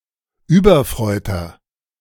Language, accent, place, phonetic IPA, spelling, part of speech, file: German, Germany, Berlin, [ˈyːbɐˌfr̺ɔɪ̯tɐ], überfreuter, adjective, De-überfreuter.ogg
- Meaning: inflection of überfreut: 1. strong/mixed nominative masculine singular 2. strong genitive/dative feminine singular 3. strong genitive plural